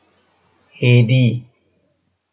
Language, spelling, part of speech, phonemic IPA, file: Northern Kurdish, hêdî, adjective, /heːˈdiː/, Ku-hêdî.oga
- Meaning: slow